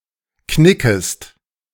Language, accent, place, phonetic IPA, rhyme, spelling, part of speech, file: German, Germany, Berlin, [ˈknɪkəst], -ɪkəst, knickest, verb, De-knickest.ogg
- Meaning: second-person singular subjunctive I of knicken